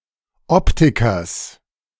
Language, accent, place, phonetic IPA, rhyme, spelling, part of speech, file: German, Germany, Berlin, [ˈɔptɪkɐs], -ɔptɪkɐs, Optikers, noun, De-Optikers.ogg
- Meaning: genitive singular of Optiker